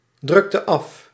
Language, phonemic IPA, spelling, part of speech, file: Dutch, /ˌdrʏktə ˈɑf/, drukte af, verb, Nl-drukte af.ogg
- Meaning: inflection of afdrukken: 1. singular past indicative 2. singular past subjunctive